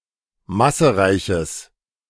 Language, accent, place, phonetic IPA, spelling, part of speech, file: German, Germany, Berlin, [ˈmasəˌʁaɪ̯çəs], massereiches, adjective, De-massereiches.ogg
- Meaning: strong/mixed nominative/accusative neuter singular of massereich